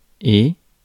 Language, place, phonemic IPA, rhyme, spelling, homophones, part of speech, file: French, Paris, /e/, -e, et, ai / eh / hé, conjunction, Fr-et.ogg
- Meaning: and